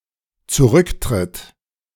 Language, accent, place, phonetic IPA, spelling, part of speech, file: German, Germany, Berlin, [t͡suˈʁʏktʁɪt], zurücktritt, verb, De-zurücktritt.ogg
- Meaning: third-person singular dependent present of zurücktreten